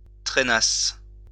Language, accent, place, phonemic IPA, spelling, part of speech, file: French, France, Lyon, /tʁe.nas/, trainasse, verb, LL-Q150 (fra)-trainasse.wav
- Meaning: first-person singular imperfect subjunctive of trainer